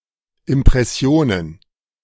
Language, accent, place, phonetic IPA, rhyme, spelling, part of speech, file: German, Germany, Berlin, [ɪmpʁɛˈsi̯oːnən], -oːnən, Impressionen, noun, De-Impressionen.ogg
- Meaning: plural of Impression